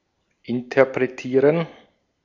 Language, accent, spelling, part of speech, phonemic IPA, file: German, Austria, interpretieren, verb, /ʔɪntɐpʁeˈtiːʁən/, De-at-interpretieren.ogg
- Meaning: 1. to interpret (to explain or tell the meaning of; to apprehend and represent by means of art) 2. to perform